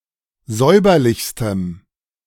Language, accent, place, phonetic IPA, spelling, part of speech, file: German, Germany, Berlin, [ˈzɔɪ̯bɐlɪçstəm], säuberlichstem, adjective, De-säuberlichstem.ogg
- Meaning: strong dative masculine/neuter singular superlative degree of säuberlich